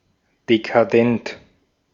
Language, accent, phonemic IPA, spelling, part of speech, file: German, Austria, /dekaˈdɛnt/, dekadent, adjective, De-at-dekadent.ogg
- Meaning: decadent